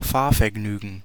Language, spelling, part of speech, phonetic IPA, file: German, Fahrvergnügen, noun, [ˈfaːɐ̯fɛɐ̯ˌɡnyːɡŋ̍], De-Fahrvergnügen.ogg
- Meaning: Driving pleasure